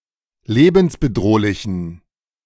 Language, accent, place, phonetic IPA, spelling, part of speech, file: German, Germany, Berlin, [ˈleːbn̩sbəˌdʁoːlɪçn̩], lebensbedrohlichen, adjective, De-lebensbedrohlichen.ogg
- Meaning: inflection of lebensbedrohlich: 1. strong genitive masculine/neuter singular 2. weak/mixed genitive/dative all-gender singular 3. strong/weak/mixed accusative masculine singular